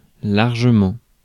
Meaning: mainly; mostly
- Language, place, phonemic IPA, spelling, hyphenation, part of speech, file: French, Paris, /laʁ.ʒə.mɑ̃/, largement, lar‧ge‧ment, adverb, Fr-largement.ogg